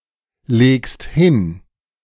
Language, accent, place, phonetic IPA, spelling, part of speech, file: German, Germany, Berlin, [ˌleːkst ˈhɪn], legst hin, verb, De-legst hin.ogg
- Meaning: second-person singular present of hinlegen